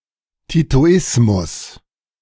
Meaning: Titoism
- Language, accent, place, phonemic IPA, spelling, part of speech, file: German, Germany, Berlin, /titoˈɪsmʊs/, Titoismus, noun, De-Titoismus.ogg